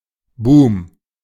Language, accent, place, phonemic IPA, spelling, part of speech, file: German, Germany, Berlin, /buːm/, Boom, noun, De-Boom.ogg
- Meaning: boom